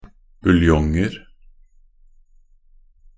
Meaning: indefinite plural of buljong
- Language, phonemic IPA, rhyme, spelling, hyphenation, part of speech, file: Norwegian Bokmål, /bʉlˈjɔŋər/, -ər, buljonger, bul‧jong‧er, noun, Nb-buljonger.ogg